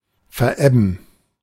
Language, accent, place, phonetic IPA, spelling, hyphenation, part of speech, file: German, Germany, Berlin, [fɛɐ̯ˈʔɛbn̩], verebben, ver‧eb‧ben, verb, De-verebben.ogg
- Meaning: to ebb away, to subside